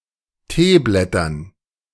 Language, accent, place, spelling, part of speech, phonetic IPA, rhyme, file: German, Germany, Berlin, Teeblättern, noun, [ˈteːˌblɛtɐn], -eːblɛtɐn, De-Teeblättern.ogg
- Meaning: dative plural of Teeblatt